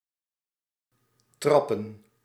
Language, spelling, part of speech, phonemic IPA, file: Dutch, trappen, verb / noun, /ˈtrɑpə(n)/, Nl-trappen.ogg
- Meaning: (verb) 1. to step, to tread 2. to pedal 3. to kick; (noun) plural of trap